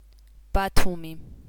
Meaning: Batumi (a city in Georgia)
- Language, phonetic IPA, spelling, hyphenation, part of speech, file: Georgian, [b̥ätʰumi], ბათუმი, ბა‧თუ‧მი, proper noun, Batumi.ogg